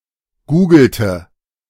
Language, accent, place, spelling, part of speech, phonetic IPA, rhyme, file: German, Germany, Berlin, googelte, verb, [ˈɡuːɡl̩tə], -uːɡl̩tə, De-googelte.ogg
- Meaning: inflection of googeln: 1. first/third-person singular preterite 2. first/third-person singular subjunctive II